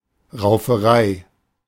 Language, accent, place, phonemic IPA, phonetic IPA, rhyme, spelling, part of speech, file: German, Germany, Berlin, /ʁaʊ̯fəˈʁaɪ̯/, [ʁaʊ̯fɐˈʁaɪ̯], -aɪ̯, Rauferei, noun, De-Rauferei.ogg
- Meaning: brawl